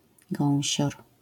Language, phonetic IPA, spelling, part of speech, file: Polish, [ˈɡɔ̃w̃ɕɔr], gąsior, noun, LL-Q809 (pol)-gąsior.wav